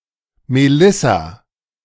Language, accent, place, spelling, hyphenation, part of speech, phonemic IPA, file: German, Germany, Berlin, Melissa, Me‧lis‧sa, proper noun, /meˈlɪsa/, De-Melissa.ogg
- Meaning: a female given name, equivalent to English Melissa